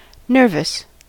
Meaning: Of sinews and tendons.: 1. Full of sinews 2. Having strong or prominent sinews; sinewy, muscular 3. Of a piece of writing, literary style etc.: forceful, powerful
- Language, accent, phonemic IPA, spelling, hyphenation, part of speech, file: English, General American, /ˈnɝvəs/, nervous, nerv‧ous, adjective, En-us-nervous.ogg